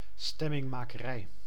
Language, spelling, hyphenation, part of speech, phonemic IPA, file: Dutch, stemmingmakerij, stem‧ming‧ma‧ke‧rij, noun, /ˌstɛ.mɪŋ.maː.kəˈrɛi̯/, Nl-stemmingmakerij.ogg
- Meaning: rabblerousing, agitation (the activity of arousing public sentiment)